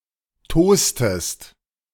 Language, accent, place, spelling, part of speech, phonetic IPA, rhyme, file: German, Germany, Berlin, tostest, verb, [ˈtoːstəst], -oːstəst, De-tostest.ogg
- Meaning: inflection of tosen: 1. second-person singular preterite 2. second-person singular subjunctive II